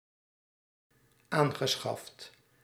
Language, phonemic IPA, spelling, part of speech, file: Dutch, /ˈaŋɣəˌsxɑft/, aangeschaft, verb / adjective, Nl-aangeschaft.ogg
- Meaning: past participle of aanschaffen